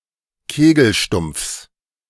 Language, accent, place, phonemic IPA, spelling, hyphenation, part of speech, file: German, Germany, Berlin, /ˈkeːɡl̩ˌʃtʊmp͡fs/, Kegelstumpfs, Ke‧gel‧stumpfs, noun, De-Kegelstumpfs.ogg
- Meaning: genitive singular of Kegelstumpf